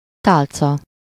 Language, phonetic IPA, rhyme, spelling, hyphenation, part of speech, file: Hungarian, [ˈtaːlt͡sɒ], -t͡sɒ, tálca, tál‧ca, noun, Hu-tálca.ogg
- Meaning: 1. tray (a small, typically rectangular or round, flat, rigid object upon which things are carried) 2. tray (a notification area used for icons and alerts)